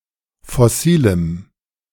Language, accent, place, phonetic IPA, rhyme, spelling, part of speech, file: German, Germany, Berlin, [fɔˈsiːləm], -iːləm, fossilem, adjective, De-fossilem.ogg
- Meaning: strong dative masculine/neuter singular of fossil